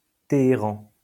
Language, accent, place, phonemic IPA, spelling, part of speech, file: French, France, Lyon, /te.e.ʁɑ̃/, Téhéran, proper noun, LL-Q150 (fra)-Téhéran.wav
- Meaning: 1. Tehran (the capital city of Iran) 2. Tehran (a province of Iran)